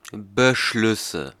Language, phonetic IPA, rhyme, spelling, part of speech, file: German, [bəˈʃlʏsə], -ʏsə, Beschlüsse, noun, De-Beschlüsse.ogg
- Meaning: nominative/accusative/genitive plural of Beschluss